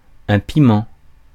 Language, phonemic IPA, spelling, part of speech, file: French, /pi.mɑ̃/, piment, noun, Fr-piment.ogg
- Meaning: 1. chili, chili pepper 2. spice (vigour)